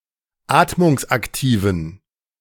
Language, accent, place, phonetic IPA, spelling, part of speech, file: German, Germany, Berlin, [ˈaːtmʊŋsʔakˌtiːvn̩], atmungsaktiven, adjective, De-atmungsaktiven.ogg
- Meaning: inflection of atmungsaktiv: 1. strong genitive masculine/neuter singular 2. weak/mixed genitive/dative all-gender singular 3. strong/weak/mixed accusative masculine singular 4. strong dative plural